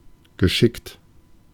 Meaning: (verb) past participle of schicken; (adjective) adept, habile, skillful, clever; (adverb) adeptly, skillfully
- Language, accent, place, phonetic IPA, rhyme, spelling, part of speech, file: German, Germany, Berlin, [ɡəˈʃɪkt], -ɪkt, geschickt, adjective / verb, De-geschickt.ogg